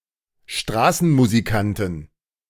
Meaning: inflection of Straßenmusikant: 1. genitive/dative/accusative singular 2. nominative/genitive/dative/accusative plural
- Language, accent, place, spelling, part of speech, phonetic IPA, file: German, Germany, Berlin, Straßenmusikanten, noun, [ˈʃtʁaːsn̩muziˌkantn̩], De-Straßenmusikanten.ogg